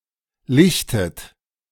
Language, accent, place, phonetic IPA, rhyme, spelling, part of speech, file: German, Germany, Berlin, [ˈlɪçtət], -ɪçtət, lichtet, verb, De-lichtet.ogg
- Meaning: inflection of lichten: 1. second-person plural present 2. second-person plural subjunctive I 3. third-person singular present 4. plural imperative